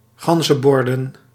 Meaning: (verb) to play the Game of the Goose; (noun) plural of ganzenbord
- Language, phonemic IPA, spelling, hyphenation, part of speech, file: Dutch, /ˈɣɑn.zə(n)ˌbɔr.də(n)/, ganzenborden, gan‧zen‧bor‧den, verb / noun, Nl-ganzenborden.ogg